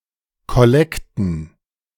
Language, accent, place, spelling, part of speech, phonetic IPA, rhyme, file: German, Germany, Berlin, Kollekten, noun, [kɔˈlɛktn̩], -ɛktn̩, De-Kollekten.ogg
- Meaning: plural of Kollekte